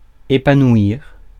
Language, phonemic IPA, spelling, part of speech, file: French, /e.pa.nwiʁ/, épanouir, verb, Fr-épanouir.ogg
- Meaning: 1. to blossom; to bloom; to flower 2. to reveal its qualities 3. to thrive, flourish